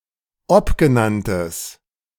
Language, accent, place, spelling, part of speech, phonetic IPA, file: German, Germany, Berlin, obgenanntes, adjective, [ˈɔpɡəˌnantəs], De-obgenanntes.ogg
- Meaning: strong/mixed nominative/accusative neuter singular of obgenannt